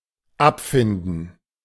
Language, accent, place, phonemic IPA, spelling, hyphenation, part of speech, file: German, Germany, Berlin, /ˈapˌfɪndən/, abfinden, ab‧fin‧den, verb, De-abfinden.ogg
- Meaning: 1. to pay compensation to; (by extension) to satisfy 2. to come to terms (with), to make one's peace (with)